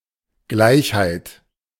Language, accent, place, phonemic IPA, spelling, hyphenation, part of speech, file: German, Germany, Berlin, /ˈɡlaɪ̯çhaɪ̯t/, Gleichheit, Gleich‧heit, noun, De-Gleichheit.ogg
- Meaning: equality (fact of being equal)